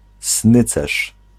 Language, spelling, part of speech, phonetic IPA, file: Polish, snycerz, noun, [ˈsnɨt͡sɛʃ], Pl-snycerz.ogg